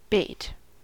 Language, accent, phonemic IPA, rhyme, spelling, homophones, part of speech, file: English, US, /beɪt/, -eɪt, bait, bate, noun / verb / adjective, En-us-bait.ogg
- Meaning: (noun) Any substance, especially food, used in catching fish, or other animals, by alluring them to a hook, snare, trap, or net